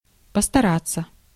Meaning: 1. to try, to attempt 2. to endeavour/endeavor, to make an effort
- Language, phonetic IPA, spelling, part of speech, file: Russian, [pəstɐˈrat͡sːə], постараться, verb, Ru-постараться.ogg